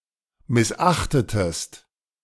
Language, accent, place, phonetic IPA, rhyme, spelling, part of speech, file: German, Germany, Berlin, [mɪsˈʔaxtətəst], -axtətəst, missachtetest, verb, De-missachtetest.ogg
- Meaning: inflection of missachten: 1. second-person singular preterite 2. second-person singular subjunctive II